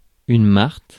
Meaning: alternative form of martre (“marten”)
- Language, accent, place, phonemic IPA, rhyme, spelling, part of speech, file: French, France, Paris, /maʁt/, -aʁt, marte, noun, Fr-marte.ogg